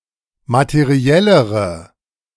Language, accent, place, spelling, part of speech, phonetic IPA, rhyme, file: German, Germany, Berlin, materiellere, adjective, [matəˈʁi̯ɛləʁə], -ɛləʁə, De-materiellere.ogg
- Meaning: inflection of materiell: 1. strong/mixed nominative/accusative feminine singular comparative degree 2. strong nominative/accusative plural comparative degree